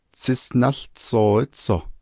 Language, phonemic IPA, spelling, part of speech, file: Navajo, /t͡sʰɪ́sʔnɑ́ɬt͡sʰòːɪ́t͡sʰòh/, tsísʼnáłtsooítsoh, noun, Nv-tsísʼnáłtsooítsoh.ogg
- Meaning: hornet